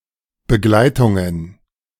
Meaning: plural of Begleitung
- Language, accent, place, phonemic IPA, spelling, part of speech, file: German, Germany, Berlin, /bəˈɡlaɪ̯tʊŋən/, Begleitungen, noun, De-Begleitungen.ogg